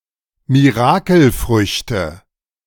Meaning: nominative/accusative/genitive plural of Mirakelfrucht
- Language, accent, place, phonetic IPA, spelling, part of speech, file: German, Germany, Berlin, [miˈʁaːkl̩ˌfʁʏçtə], Mirakelfrüchte, noun, De-Mirakelfrüchte.ogg